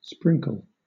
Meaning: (verb) 1. To cause (a substance) to fall in fine drops (for a liquid substance) or small pieces (for a solid substance) 2. To cover (an object) by sprinkling a substance on to it
- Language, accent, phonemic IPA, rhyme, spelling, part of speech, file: English, Southern England, /ˈspɹɪŋkəl/, -ɪŋkəl, sprinkle, verb / noun, LL-Q1860 (eng)-sprinkle.wav